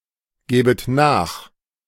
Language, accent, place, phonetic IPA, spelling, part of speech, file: German, Germany, Berlin, [ˌɡɛːbət ˈnaːx], gäbet nach, verb, De-gäbet nach.ogg
- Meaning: second-person plural subjunctive II of nachgeben